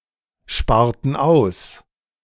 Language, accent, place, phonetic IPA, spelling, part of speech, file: German, Germany, Berlin, [ˌʃpaːɐ̯tn̩ ˈaʊ̯s], sparten aus, verb, De-sparten aus.ogg
- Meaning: inflection of aussparen: 1. first/third-person plural preterite 2. first/third-person plural subjunctive II